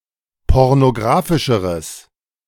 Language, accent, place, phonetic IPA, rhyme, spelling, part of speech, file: German, Germany, Berlin, [ˌpɔʁnoˈɡʁaːfɪʃəʁəs], -aːfɪʃəʁəs, pornographischeres, adjective, De-pornographischeres.ogg
- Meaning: strong/mixed nominative/accusative neuter singular comparative degree of pornographisch